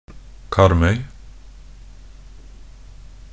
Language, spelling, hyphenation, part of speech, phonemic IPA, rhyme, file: Norwegian Bokmål, Karmøy, Kar‧møy, proper noun, /ˈkarm.œʏ/, -œʏ, Nb-karmøy.ogg
- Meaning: 1. a municipality of Rogaland, Norway 2. an island of Rogaland, Norway, forming the largest part of the municipality